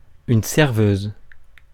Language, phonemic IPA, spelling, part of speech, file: French, /sɛʁ.vøz/, serveuse, noun, Fr-serveuse.ogg
- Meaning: 1. waitress 2. barmaid